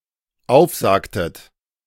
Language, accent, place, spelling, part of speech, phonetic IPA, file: German, Germany, Berlin, aufsagtet, verb, [ˈaʊ̯fˌzaːktət], De-aufsagtet.ogg
- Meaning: inflection of aufsagen: 1. second-person plural dependent preterite 2. second-person plural dependent subjunctive II